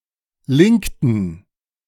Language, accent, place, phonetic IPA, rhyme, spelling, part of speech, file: German, Germany, Berlin, [ˈlɪŋktn̩], -ɪŋktn̩, linkten, verb, De-linkten.ogg
- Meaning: inflection of linken: 1. first/third-person plural preterite 2. first/third-person plural subjunctive II